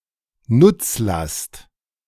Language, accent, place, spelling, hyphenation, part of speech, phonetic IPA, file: German, Germany, Berlin, Nutzlast, Nutz‧last, noun, [ˈnʊt͡sˌlast], De-Nutzlast.ogg
- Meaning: payload